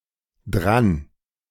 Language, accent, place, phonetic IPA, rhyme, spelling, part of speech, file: German, Germany, Berlin, [dʁan], -an, dran, adverb, De-dran.ogg
- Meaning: 1. alternative form of daran 2. to be in a particular situation 3. to be (possibly) true 4. to be someone's turn (in a game, to do household chores, etc.)